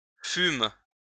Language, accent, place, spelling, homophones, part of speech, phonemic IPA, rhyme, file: French, France, Lyon, fûmes, fume / fument / fumes, verb, /fym/, -ym, LL-Q150 (fra)-fûmes.wav
- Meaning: first-person plural past historic of être